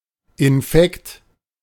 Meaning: infection, infectious disease
- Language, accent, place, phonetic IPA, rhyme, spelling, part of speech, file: German, Germany, Berlin, [ɪnˈfɛkt], -ɛkt, Infekt, noun, De-Infekt.ogg